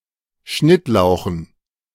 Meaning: dative plural of Schnittlauch
- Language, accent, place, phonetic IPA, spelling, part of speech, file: German, Germany, Berlin, [ˈʃnɪtˌlaʊ̯xn̩], Schnittlauchen, noun, De-Schnittlauchen.ogg